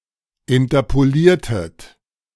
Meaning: inflection of interpolieren: 1. second-person plural preterite 2. second-person plural subjunctive II
- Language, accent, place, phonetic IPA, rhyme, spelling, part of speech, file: German, Germany, Berlin, [ɪntɐpoˈliːɐ̯tət], -iːɐ̯tət, interpoliertet, verb, De-interpoliertet.ogg